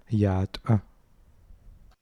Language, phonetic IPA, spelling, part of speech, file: Adyghe, [jaːtʼa], ятӏэ, noun, Yata.ogg
- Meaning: dirt